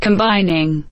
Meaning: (verb) present participle and gerund of combine; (noun) The act by which things are combined or brought together
- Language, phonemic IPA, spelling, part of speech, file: English, /kəmˈbaɪnɪŋ/, combining, verb / noun, Combining.ogg